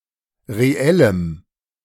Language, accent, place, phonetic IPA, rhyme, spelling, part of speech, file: German, Germany, Berlin, [ʁeˈɛləm], -ɛləm, reellem, adjective, De-reellem.ogg
- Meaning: strong dative masculine/neuter singular of reell